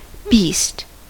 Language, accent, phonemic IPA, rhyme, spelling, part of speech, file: English, US, /biːst/, -iːst, beast, noun / verb / adjective, En-us-beast.ogg
- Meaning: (noun) 1. Any four-footed land mammal 2. All non-human animals seen as a group 3. A person who behaves in a violent, antisocial or uncivilized manner